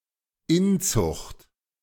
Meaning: inbreeding
- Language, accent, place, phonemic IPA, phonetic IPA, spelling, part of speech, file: German, Germany, Berlin, /ˈɪnt͡sʊxt/, [ˈɪnt͡sʊχtʰ], Inzucht, noun, De-Inzucht.ogg